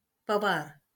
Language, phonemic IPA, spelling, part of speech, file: Marathi, /pə.ʋaɾ/, पवार, proper noun, LL-Q1571 (mar)-पवार.wav
- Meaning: a surname, Pawar